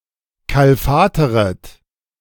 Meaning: second-person plural subjunctive I of kalfatern
- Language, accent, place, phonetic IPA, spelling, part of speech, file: German, Germany, Berlin, [ˌkalˈfaːtəʁət], kalfateret, verb, De-kalfateret.ogg